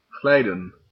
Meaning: 1. to slide 2. to lapse
- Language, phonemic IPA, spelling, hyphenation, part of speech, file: Dutch, /ˈɣlɛi̯.də(n)/, glijden, glij‧den, verb, Nl-glijden.ogg